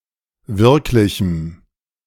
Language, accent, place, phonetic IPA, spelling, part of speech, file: German, Germany, Berlin, [ˈvɪʁklɪçm̩], wirklichem, adjective, De-wirklichem.ogg
- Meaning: strong dative masculine/neuter singular of wirklich